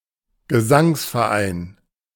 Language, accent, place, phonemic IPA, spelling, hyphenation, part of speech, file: German, Germany, Berlin, /ɡəˈzaŋs.fɛɐ̯ˌʔaɪ̯n/, Gesangsverein, Ge‧sangs‧ver‧ein, noun, De-Gesangsverein.ogg
- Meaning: choral society